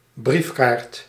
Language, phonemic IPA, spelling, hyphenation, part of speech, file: Dutch, /ˈbrif.kaːrt/, briefkaart, brief‧kaart, noun, Nl-briefkaart.ogg
- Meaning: a postcard, a postal card